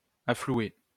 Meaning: alternative form of renflouer
- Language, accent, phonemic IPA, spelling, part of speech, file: French, France, /a.flu.e/, afflouer, verb, LL-Q150 (fra)-afflouer.wav